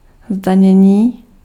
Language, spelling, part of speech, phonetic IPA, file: Czech, zdanění, noun, [ˈzdaɲɛɲiː], Cs-zdanění.ogg
- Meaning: 1. verbal noun of zdanit 2. taxation